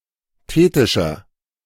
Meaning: inflection of thetisch: 1. strong/mixed nominative masculine singular 2. strong genitive/dative feminine singular 3. strong genitive plural
- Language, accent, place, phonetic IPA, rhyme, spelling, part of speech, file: German, Germany, Berlin, [ˈteːtɪʃɐ], -eːtɪʃɐ, thetischer, adjective, De-thetischer.ogg